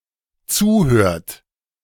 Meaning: inflection of zuhören: 1. third-person singular dependent present 2. second-person plural dependent present
- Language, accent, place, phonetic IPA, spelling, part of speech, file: German, Germany, Berlin, [ˈt͡suːˌhøːɐ̯t], zuhört, verb, De-zuhört.ogg